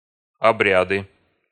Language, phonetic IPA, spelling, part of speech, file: Russian, [ɐˈbrʲadɨ], обряды, noun, Ru-обряды.ogg
- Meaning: nominative/accusative plural of обря́д (obrjád)